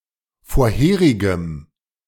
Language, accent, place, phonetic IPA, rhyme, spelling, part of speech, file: German, Germany, Berlin, [foːɐ̯ˈheːʁɪɡəm], -eːʁɪɡəm, vorherigem, adjective, De-vorherigem.ogg
- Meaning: strong dative masculine/neuter singular of vorherig